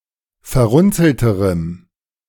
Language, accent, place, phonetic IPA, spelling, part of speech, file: German, Germany, Berlin, [fɛɐ̯ˈʁʊnt͡sl̩təʁəm], verrunzelterem, adjective, De-verrunzelterem.ogg
- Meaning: strong dative masculine/neuter singular comparative degree of verrunzelt